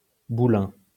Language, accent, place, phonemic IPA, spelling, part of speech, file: French, France, Lyon, /bu.lɛ̃/, boulin, noun, LL-Q150 (fra)-boulin.wav
- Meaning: 1. hole made in a dovecote for pigeons to nest, like a pigeonhole 2. putlog hole